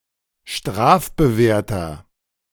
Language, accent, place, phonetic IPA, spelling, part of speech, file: German, Germany, Berlin, [ˈʃtʁaːfbəˌveːɐ̯tɐ], strafbewehrter, adjective, De-strafbewehrter.ogg
- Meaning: inflection of strafbewehrt: 1. strong/mixed nominative masculine singular 2. strong genitive/dative feminine singular 3. strong genitive plural